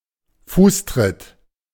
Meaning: kick
- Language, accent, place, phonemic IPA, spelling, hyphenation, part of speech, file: German, Germany, Berlin, /ˈfuːsˌtʁɪt/, Fußtritt, Fuß‧tritt, noun, De-Fußtritt.ogg